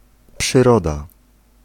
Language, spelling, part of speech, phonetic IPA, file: Polish, przyroda, noun, [pʃɨˈrɔda], Pl-przyroda.ogg